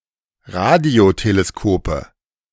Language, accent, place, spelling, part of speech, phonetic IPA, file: German, Germany, Berlin, Radioteleskope, noun, [ˈʁadi̯oteleˌskoːpə], De-Radioteleskope.ogg
- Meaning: nominative/accusative/genitive plural of Radioteleskop